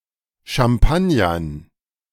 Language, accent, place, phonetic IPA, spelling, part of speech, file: German, Germany, Berlin, [ʃamˈpanjɐn], Champagnern, noun, De-Champagnern.ogg
- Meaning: dative plural of Champagner